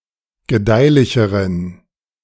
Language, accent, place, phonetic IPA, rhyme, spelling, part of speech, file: German, Germany, Berlin, [ɡəˈdaɪ̯lɪçəʁən], -aɪ̯lɪçəʁən, gedeihlicheren, adjective, De-gedeihlicheren.ogg
- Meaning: inflection of gedeihlich: 1. strong genitive masculine/neuter singular comparative degree 2. weak/mixed genitive/dative all-gender singular comparative degree